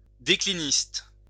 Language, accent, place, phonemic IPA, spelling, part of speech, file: French, France, Lyon, /de.kli.nist/, décliniste, noun, LL-Q150 (fra)-décliniste.wav
- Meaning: declinist